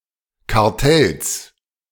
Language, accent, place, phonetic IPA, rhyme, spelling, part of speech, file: German, Germany, Berlin, [kaʁˈtɛls], -ɛls, Kartells, noun, De-Kartells.ogg
- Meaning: genitive singular of Kartell